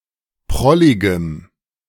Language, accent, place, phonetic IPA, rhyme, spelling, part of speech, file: German, Germany, Berlin, [ˈpʁɔlɪɡəm], -ɔlɪɡəm, prolligem, adjective, De-prolligem.ogg
- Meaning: strong dative masculine/neuter singular of prollig